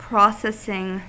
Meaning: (noun) 1. The action of the verb to process 2. The act of taking something through a set of prescribed procedures
- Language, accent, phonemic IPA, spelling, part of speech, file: English, US, /ˈpɹɑsɛsɪŋ/, processing, noun / verb, En-us-processing.ogg